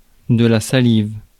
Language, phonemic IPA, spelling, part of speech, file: French, /sa.liv/, salive, noun / verb, Fr-salive.ogg
- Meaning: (noun) saliva; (verb) inflection of saliver: 1. first/third-person singular present indicative/subjunctive 2. second-person singular imperative